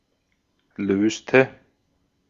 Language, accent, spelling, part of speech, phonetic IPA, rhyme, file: German, Austria, löste, verb, [ˈløːstə], -øːstə, De-at-löste.ogg
- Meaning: inflection of lösen: 1. first/third-person singular preterite 2. first/third-person singular subjunctive II